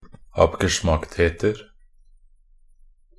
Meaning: indefinite plural of abgeschmackthet
- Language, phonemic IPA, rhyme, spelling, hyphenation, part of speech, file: Norwegian Bokmål, /apɡəˈʃmaktheːtər/, -ər, abgeschmacktheter, ab‧ge‧schmackt‧het‧er, noun, Nb-abgeschmacktheter.ogg